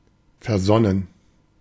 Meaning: pensive, thoughtful
- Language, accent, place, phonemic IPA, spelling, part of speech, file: German, Germany, Berlin, /fɛɐ̯ˈzɔnən/, versonnen, adjective, De-versonnen.ogg